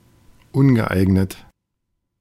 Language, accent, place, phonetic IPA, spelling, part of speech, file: German, Germany, Berlin, [ˈʊnɡəˌʔaɪ̯ɡnət], ungeeignet, adjective, De-ungeeignet.ogg
- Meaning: inappropriate, unsuitable, inadequate